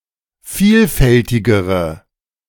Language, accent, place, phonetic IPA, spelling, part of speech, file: German, Germany, Berlin, [ˈfiːlˌfɛltɪɡəʁə], vielfältigere, adjective, De-vielfältigere.ogg
- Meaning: inflection of vielfältig: 1. strong/mixed nominative/accusative feminine singular comparative degree 2. strong nominative/accusative plural comparative degree